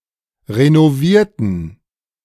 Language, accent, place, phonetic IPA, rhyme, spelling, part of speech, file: German, Germany, Berlin, [ʁenoˈviːɐ̯tn̩], -iːɐ̯tn̩, renovierten, adjective / verb, De-renovierten.ogg
- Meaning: inflection of renovieren: 1. first/third-person plural preterite 2. first/third-person plural subjunctive II